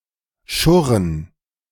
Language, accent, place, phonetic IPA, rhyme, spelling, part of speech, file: German, Germany, Berlin, [ˈʃʊʁən], -ʊʁən, schurren, verb, De-schurren.ogg
- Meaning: to scrape